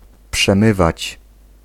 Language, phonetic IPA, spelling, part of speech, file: Polish, [pʃɛ̃ˈmɨvat͡ɕ], przemywać, verb, Pl-przemywać.ogg